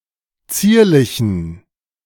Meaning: inflection of zierlich: 1. strong genitive masculine/neuter singular 2. weak/mixed genitive/dative all-gender singular 3. strong/weak/mixed accusative masculine singular 4. strong dative plural
- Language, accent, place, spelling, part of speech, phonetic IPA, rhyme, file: German, Germany, Berlin, zierlichen, adjective, [ˈt͡siːɐ̯lɪçn̩], -iːɐ̯lɪçn̩, De-zierlichen.ogg